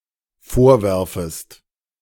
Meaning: second-person singular dependent subjunctive I of vorwerfen
- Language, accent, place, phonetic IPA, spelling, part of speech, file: German, Germany, Berlin, [ˈfoːɐ̯ˌvɛʁfəst], vorwerfest, verb, De-vorwerfest.ogg